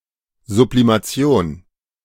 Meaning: sublimation
- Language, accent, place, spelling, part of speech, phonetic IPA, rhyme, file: German, Germany, Berlin, Sublimation, noun, [zublimaˈt͡si̯oːn], -oːn, De-Sublimation.ogg